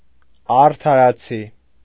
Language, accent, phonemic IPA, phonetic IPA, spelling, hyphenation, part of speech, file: Armenian, Eastern Armenian, /ɑɾtʰɑɾɑˈt͡sʰi/, [ɑɾtʰɑɾɑt͡sʰí], արդարացի, ար‧դա‧րա‧ցի, adjective, Hy-արդարացի.ogg
- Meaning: just, equitable